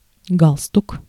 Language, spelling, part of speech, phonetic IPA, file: Russian, галстук, noun, [ˈɡaɫstʊk], Ru-галстук.ogg
- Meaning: 1. necktie, tie 2. neckerchief 3. tow rope